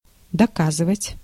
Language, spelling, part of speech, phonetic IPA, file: Russian, доказывать, verb, [dɐˈkazɨvətʲ], Ru-доказывать.ogg
- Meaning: to prove, to demonstrate